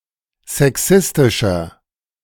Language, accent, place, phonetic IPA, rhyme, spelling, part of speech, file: German, Germany, Berlin, [zɛˈksɪstɪʃɐ], -ɪstɪʃɐ, sexistischer, adjective, De-sexistischer.ogg
- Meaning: 1. comparative degree of sexistisch 2. inflection of sexistisch: strong/mixed nominative masculine singular 3. inflection of sexistisch: strong genitive/dative feminine singular